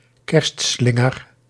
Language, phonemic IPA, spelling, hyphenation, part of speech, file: Dutch, /ˈkɛrstˌslɪ.ŋər/, kerstslinger, kerst‧slin‧ger, noun, Nl-kerstslinger.ogg
- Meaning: a Christmas garland